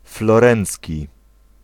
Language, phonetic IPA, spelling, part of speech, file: Polish, [flɔˈrɛ̃nt͡sʲci], florencki, adjective, Pl-florencki.ogg